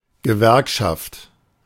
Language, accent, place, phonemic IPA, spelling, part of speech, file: German, Germany, Berlin, /ɡəˈvɛʁkʃaft/, Gewerkschaft, noun, De-Gewerkschaft.ogg
- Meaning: labor union, trade union